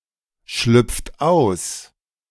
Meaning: inflection of ausschlüpfen: 1. second-person plural present 2. third-person singular present 3. plural imperative
- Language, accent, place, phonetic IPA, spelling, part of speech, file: German, Germany, Berlin, [ˌʃlʏp͡ft ˈaʊ̯s], schlüpft aus, verb, De-schlüpft aus.ogg